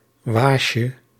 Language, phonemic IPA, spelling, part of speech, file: Dutch, /ˈwaʃə/, waasje, noun, Nl-waasje.ogg
- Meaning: diminutive of waas